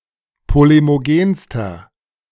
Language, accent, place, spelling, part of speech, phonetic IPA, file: German, Germany, Berlin, polemogenster, adjective, [ˌpolemoˈɡeːnstɐ], De-polemogenster.ogg
- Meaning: inflection of polemogen: 1. strong/mixed nominative masculine singular superlative degree 2. strong genitive/dative feminine singular superlative degree 3. strong genitive plural superlative degree